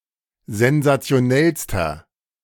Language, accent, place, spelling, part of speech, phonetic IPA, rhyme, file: German, Germany, Berlin, sensationellster, adjective, [zɛnzat͡si̯oˈnɛlstɐ], -ɛlstɐ, De-sensationellster.ogg
- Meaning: inflection of sensationell: 1. strong/mixed nominative masculine singular superlative degree 2. strong genitive/dative feminine singular superlative degree 3. strong genitive plural superlative degree